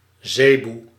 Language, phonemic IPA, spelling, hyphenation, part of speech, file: Dutch, /ˈzeːbu/, zeboe, ze‧boe, noun, Nl-zeboe.ogg
- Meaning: zebu (Bos primigenius indicus)